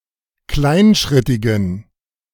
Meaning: inflection of kleinschrittig: 1. strong genitive masculine/neuter singular 2. weak/mixed genitive/dative all-gender singular 3. strong/weak/mixed accusative masculine singular 4. strong dative plural
- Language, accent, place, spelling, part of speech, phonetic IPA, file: German, Germany, Berlin, kleinschrittigen, adjective, [ˈklaɪ̯nˌʃʁɪtɪɡn̩], De-kleinschrittigen.ogg